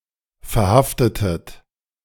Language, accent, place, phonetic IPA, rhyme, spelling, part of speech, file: German, Germany, Berlin, [fɛɐ̯ˈhaftətət], -aftətət, verhaftetet, verb, De-verhaftetet.ogg
- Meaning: inflection of verhaften: 1. second-person plural preterite 2. second-person plural subjunctive II